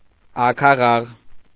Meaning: rooster
- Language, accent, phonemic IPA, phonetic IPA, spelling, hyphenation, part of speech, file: Armenian, Eastern Armenian, /ɑkʰɑˈʁɑʁ/, [ɑkʰɑʁɑ́ʁ], աքաղաղ, ա‧քա‧ղաղ, noun, Hy-աքաղաղ.ogg